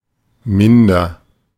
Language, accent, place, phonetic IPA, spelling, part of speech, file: German, Germany, Berlin, [ˈmɪndɐ], minder, adjective, De-minder.ogg
- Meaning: 1. comparative degree of wenig 2. comparative degree of gering